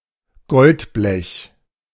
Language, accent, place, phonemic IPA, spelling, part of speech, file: German, Germany, Berlin, /ˈɡɔltˌblɛç/, Goldblech, noun, De-Goldblech.ogg
- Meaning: sheet gold, gold foil